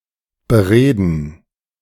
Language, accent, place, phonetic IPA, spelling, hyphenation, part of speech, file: German, Germany, Berlin, [bəˈʁeːdn̩], bereden, be‧re‧den, verb, De-bereden.ogg
- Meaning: 1. to discuss, to talk over 2. to persuade